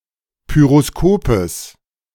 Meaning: genitive singular of Pyroskop
- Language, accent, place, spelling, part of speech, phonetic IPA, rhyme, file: German, Germany, Berlin, Pyroskopes, noun, [ˌpyʁoˈskoːpəs], -oːpəs, De-Pyroskopes.ogg